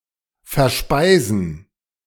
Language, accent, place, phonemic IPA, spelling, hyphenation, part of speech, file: German, Germany, Berlin, /fɛʁˈʃpaɪ̯zən/, verspeisen, ver‧spei‧sen, verb, De-verspeisen.ogg
- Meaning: to eat up, especially with great pleasure and enjoyment